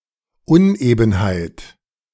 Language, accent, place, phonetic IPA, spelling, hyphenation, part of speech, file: German, Germany, Berlin, [ˈʊnˌʔeːbn̩haɪ̯t], Unebenheit, Un‧eben‧heit, noun, De-Unebenheit.ogg
- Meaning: 1. bump 2. unevenness